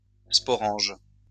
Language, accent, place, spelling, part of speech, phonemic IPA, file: French, France, Lyon, sporange, noun, /spɔ.ʁɑ̃ʒ/, LL-Q150 (fra)-sporange.wav
- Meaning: sporangium